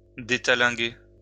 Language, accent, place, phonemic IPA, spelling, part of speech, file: French, France, Lyon, /de.ta.lɛ̃.ɡe/, détalinguer, verb, LL-Q150 (fra)-détalinguer.wav
- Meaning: to unbend the cable